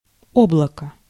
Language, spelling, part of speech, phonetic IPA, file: Russian, облако, noun, [ˈobɫəkə], Ru-облако.ogg
- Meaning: cloud